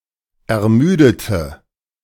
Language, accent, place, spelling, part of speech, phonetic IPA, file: German, Germany, Berlin, ermüdete, adjective / verb, [ɛɐ̯ˈmyːdətə], De-ermüdete.ogg
- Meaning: inflection of ermüden: 1. first/third-person singular preterite 2. first/third-person singular subjunctive II